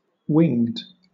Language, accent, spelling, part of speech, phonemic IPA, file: English, Southern England, winged, adjective / verb, /wɪŋd/, LL-Q1860 (eng)-winged.wav
- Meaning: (adjective) 1. Having wings 2. Having wings.: Having wings of a specified kind 3. Having wings.: Having the specified number of wings 4. Flying or soaring as if on wings 5. Swift